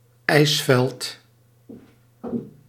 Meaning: a large mass of ice with a large surface; usually a glacier
- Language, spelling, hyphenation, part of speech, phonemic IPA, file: Dutch, ijsveld, ijs‧veld, noun, /ˈɛi̯s.fɛlt/, Nl-ijsveld.ogg